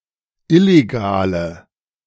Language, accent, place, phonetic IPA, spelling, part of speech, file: German, Germany, Berlin, [ˈɪleɡaːlə], illegale, adjective, De-illegale.ogg
- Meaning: inflection of illegal: 1. strong/mixed nominative/accusative feminine singular 2. strong nominative/accusative plural 3. weak nominative all-gender singular 4. weak accusative feminine/neuter singular